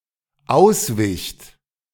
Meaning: second-person plural dependent preterite of ausweichen
- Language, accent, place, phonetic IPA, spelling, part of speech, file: German, Germany, Berlin, [ˈaʊ̯sˌvɪçt], auswicht, verb, De-auswicht.ogg